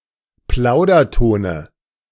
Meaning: dative of Plauderton
- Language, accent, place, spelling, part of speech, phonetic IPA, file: German, Germany, Berlin, Plaudertone, noun, [ˈplaʊ̯dɐˌtoːnə], De-Plaudertone.ogg